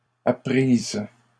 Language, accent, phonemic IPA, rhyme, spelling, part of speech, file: French, Canada, /a.pʁiz/, -iz, apprise, adjective / verb, LL-Q150 (fra)-apprise.wav
- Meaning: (adjective) feminine singular of appris